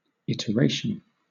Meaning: 1. A recital or a second performance; a repetition 2. A variation or version 3. The use of repetition in a computer program, especially in the form of a loop
- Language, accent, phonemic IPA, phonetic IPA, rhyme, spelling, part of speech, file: English, Southern England, /ˌɪt.əˈɹeɪ.ʃən/, [ˌɪt.əˈɹeɪ.ʃn̩], -eɪʃən, iteration, noun, LL-Q1860 (eng)-iteration.wav